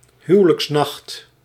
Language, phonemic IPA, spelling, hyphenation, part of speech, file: Dutch, /ˈɦy.ʋə.ləksˌnɑxt/, huwelijksnacht, hu‧we‧lijks‧nacht, noun, Nl-huwelijksnacht.ogg
- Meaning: wedding night